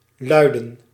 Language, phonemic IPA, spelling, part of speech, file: Dutch, /ˈlœy̯.də(n)/, luiden, verb / noun, Nl-luiden.ogg
- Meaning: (verb) 1. to sound 2. to have a content or wording, to read; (noun) alternative form of lieden